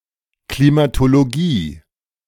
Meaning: climatology
- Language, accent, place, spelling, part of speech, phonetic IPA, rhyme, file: German, Germany, Berlin, Klimatologie, noun, [klimatoloˈɡiː], -iː, De-Klimatologie.ogg